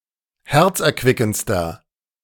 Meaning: inflection of herzerquickend: 1. strong/mixed nominative masculine singular superlative degree 2. strong genitive/dative feminine singular superlative degree
- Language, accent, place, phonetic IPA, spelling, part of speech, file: German, Germany, Berlin, [ˈhɛʁt͡sʔɛɐ̯ˌkvɪkn̩t͡stɐ], herzerquickendster, adjective, De-herzerquickendster.ogg